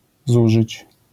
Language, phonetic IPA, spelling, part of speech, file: Polish, [ˈzuʒɨt͡ɕ], zużyć, verb, LL-Q809 (pol)-zużyć.wav